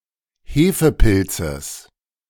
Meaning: genitive singular of Hefepilz
- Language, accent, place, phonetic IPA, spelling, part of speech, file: German, Germany, Berlin, [ˈheːfəˌpɪlt͡səs], Hefepilzes, noun, De-Hefepilzes.ogg